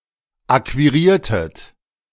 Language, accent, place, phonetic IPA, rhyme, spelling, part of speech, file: German, Germany, Berlin, [ˌakviˈʁiːɐ̯tət], -iːɐ̯tət, akquiriertet, verb, De-akquiriertet.ogg
- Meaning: inflection of akquirieren: 1. second-person plural preterite 2. second-person plural subjunctive II